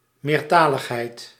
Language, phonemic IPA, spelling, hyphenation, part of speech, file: Dutch, /ˌmeːrˈtaː.ləx.ɦɛi̯t/, meertaligheid, meer‧ta‧lig‧heid, noun, Nl-meertaligheid.ogg
- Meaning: multilingualism (condition of being able to speak several languages)